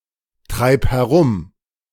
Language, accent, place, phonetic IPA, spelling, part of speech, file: German, Germany, Berlin, [ˌtʁaɪ̯p hɛˈʁʊm], treib herum, verb, De-treib herum.ogg
- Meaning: singular imperative of herumtreiben